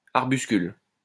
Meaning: arbuscle (all senses)
- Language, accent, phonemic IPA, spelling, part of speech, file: French, France, /aʁ.bys.kyl/, arbuscule, noun, LL-Q150 (fra)-arbuscule.wav